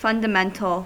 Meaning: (noun) A basic truth, elementary concept, principle, rule, or law. An individual fundamental will often serve as a building block used to form a complex idea
- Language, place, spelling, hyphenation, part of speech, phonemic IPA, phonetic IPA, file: English, California, fundamental, fun‧da‧men‧tal, noun / adjective, /ˌfʌn.dəˈmɛn.təl/, [fʌn.dəˈmɛn.tɫ̩], En-us-fundamental.ogg